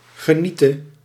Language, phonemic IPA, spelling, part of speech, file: Dutch, /ɣəˈnitə/, geniete, verb, Nl-geniete.ogg
- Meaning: singular present subjunctive of genieten